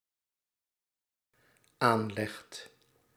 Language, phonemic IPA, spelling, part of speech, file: Dutch, /ˈanlɛxt/, aanlegt, verb, Nl-aanlegt.ogg
- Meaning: second/third-person singular dependent-clause present indicative of aanleggen